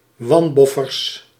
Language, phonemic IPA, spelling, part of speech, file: Dutch, /ˈwɑmbɔfərs/, wanboffers, noun, Nl-wanboffers.ogg
- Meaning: plural of wanboffer